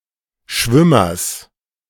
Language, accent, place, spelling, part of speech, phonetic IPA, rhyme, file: German, Germany, Berlin, Schwimmers, noun, [ˈʃvɪmɐs], -ɪmɐs, De-Schwimmers.ogg
- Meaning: genitive singular of Schwimmer